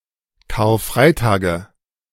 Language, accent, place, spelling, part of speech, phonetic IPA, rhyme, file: German, Germany, Berlin, Karfreitage, noun, [kaːɐ̯ˈfʁaɪ̯taːɡə], -aɪ̯taːɡə, De-Karfreitage.ogg
- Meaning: nominative/accusative/genitive plural of Karfreitag